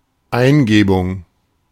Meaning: inspiration, impulse, intuition
- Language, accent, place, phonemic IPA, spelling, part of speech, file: German, Germany, Berlin, /ˈaɪ̯nˌɡeːbʊŋ/, Eingebung, noun, De-Eingebung.ogg